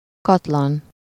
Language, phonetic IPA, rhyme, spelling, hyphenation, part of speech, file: Hungarian, [ˈkɒtlɒn], -ɒn, katlan, kat‧lan, noun, Hu-katlan.ogg
- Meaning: 1. cauldron 2. deep valley